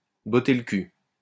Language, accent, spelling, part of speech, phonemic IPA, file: French, France, botter le cul, verb, /bɔ.te l(ə) kyl/, LL-Q150 (fra)-botter le cul.wav
- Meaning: 1. to kick someone's ass 2. to give a kick up the arse (to treat someone a bit roughly in order to motivate them)